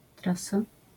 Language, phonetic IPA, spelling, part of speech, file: Polish, [ˈtrasa], trasa, noun, LL-Q809 (pol)-trasa.wav